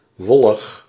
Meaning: 1. vague, evasive 2. woolly, covered with wool
- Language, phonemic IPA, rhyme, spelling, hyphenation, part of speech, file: Dutch, /ˈʋɔ.ləx/, -ɔləx, wollig, wol‧lig, adjective, Nl-wollig.ogg